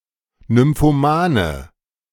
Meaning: inflection of nymphoman: 1. strong/mixed nominative/accusative feminine singular 2. strong nominative/accusative plural 3. weak nominative all-gender singular
- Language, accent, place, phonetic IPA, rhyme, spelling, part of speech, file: German, Germany, Berlin, [nʏmfoˈmaːnə], -aːnə, nymphomane, adjective, De-nymphomane.ogg